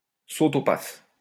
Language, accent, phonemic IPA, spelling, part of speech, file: French, France, /so.to.paf/, saute-au-paf, noun, LL-Q150 (fra)-saute-au-paf.wav
- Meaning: nympho, sex-mad woman